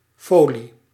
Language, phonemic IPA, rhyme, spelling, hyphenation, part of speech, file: Dutch, /ˈfoː.li/, -oːli, folie, fo‧lie, noun, Nl-folie.ogg
- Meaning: foil (sheet of material)